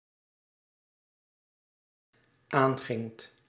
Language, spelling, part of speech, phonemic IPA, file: Dutch, aangingt, verb, /ˈaŋɣɪŋt/, Nl-aangingt.ogg
- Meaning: second-person (gij) singular dependent-clause past indicative of aangaan